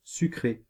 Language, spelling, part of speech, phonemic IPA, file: French, sucré, adjective / verb / noun, /sy.kʁe/, Fr-sucré.ogg
- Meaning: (adjective) 1. sugared; with sugar 2. sweet; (verb) past participle of sucrer; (noun) soft drink, soda pop (carbonated sweet beverage)